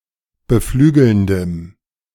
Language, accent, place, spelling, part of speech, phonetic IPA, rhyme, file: German, Germany, Berlin, beflügelndem, adjective, [bəˈflyːɡl̩ndəm], -yːɡl̩ndəm, De-beflügelndem.ogg
- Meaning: strong dative masculine/neuter singular of beflügelnd